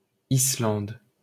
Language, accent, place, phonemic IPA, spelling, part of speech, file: French, France, Paris, /i.slɑ̃d/, Islande, proper noun, LL-Q150 (fra)-Islande.wav
- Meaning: Iceland (an island and country in the North Atlantic Ocean in Europe)